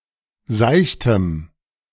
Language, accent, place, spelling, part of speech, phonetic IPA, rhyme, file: German, Germany, Berlin, seichtem, adjective, [ˈzaɪ̯çtəm], -aɪ̯çtəm, De-seichtem.ogg
- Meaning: strong dative masculine/neuter singular of seicht